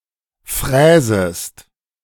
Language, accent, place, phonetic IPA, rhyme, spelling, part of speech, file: German, Germany, Berlin, [ˈfʁɛːzəst], -ɛːzəst, fräsest, verb, De-fräsest.ogg
- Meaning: second-person singular subjunctive I of fräsen